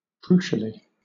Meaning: In a crucial manner
- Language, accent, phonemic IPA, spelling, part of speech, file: English, Southern England, /ˈkɹuːʃəli/, crucially, adverb, LL-Q1860 (eng)-crucially.wav